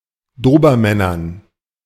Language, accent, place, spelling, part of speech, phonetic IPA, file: German, Germany, Berlin, Dobermännern, noun, [ˈdoːbɐˌmɛnɐn], De-Dobermännern.ogg
- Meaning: dative plural of Dobermann